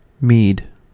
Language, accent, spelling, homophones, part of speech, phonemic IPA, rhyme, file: English, US, mead, meed, noun, /miːd/, -iːd, En-us-mead.ogg
- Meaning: 1. An alcoholic drink fermented from honey and water 2. A drink composed of syrup of sarsaparilla or other flavouring extract, and water, and sometimes charged with carbon dioxide 3. A meadow